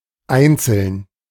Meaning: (adjective) 1. single; lone 2. only, unique 3. separate; discrete 4. individual 5. sporadic; occasional; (adverb) 1. singly 2. individually; one by one
- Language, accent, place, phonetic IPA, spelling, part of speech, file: German, Germany, Berlin, [ˈaɪ̯nt͡səln], einzeln, adjective / adverb, De-einzeln.ogg